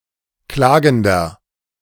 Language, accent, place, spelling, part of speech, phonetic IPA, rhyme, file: German, Germany, Berlin, klagender, adjective, [ˈklaːɡn̩dɐ], -aːɡn̩dɐ, De-klagender.ogg
- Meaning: 1. comparative degree of klagend 2. inflection of klagend: strong/mixed nominative masculine singular 3. inflection of klagend: strong genitive/dative feminine singular